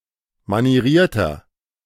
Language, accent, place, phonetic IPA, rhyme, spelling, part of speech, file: German, Germany, Berlin, [maniˈʁiːɐ̯tɐ], -iːɐ̯tɐ, manierierter, adjective, De-manierierter.ogg
- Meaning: 1. comparative degree of manieriert 2. inflection of manieriert: strong/mixed nominative masculine singular 3. inflection of manieriert: strong genitive/dative feminine singular